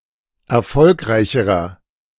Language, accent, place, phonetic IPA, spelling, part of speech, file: German, Germany, Berlin, [ɛɐ̯ˈfɔlkʁaɪ̯çəʁɐ], erfolgreicherer, adjective, De-erfolgreicherer.ogg
- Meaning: inflection of erfolgreich: 1. strong/mixed nominative masculine singular comparative degree 2. strong genitive/dative feminine singular comparative degree 3. strong genitive plural comparative degree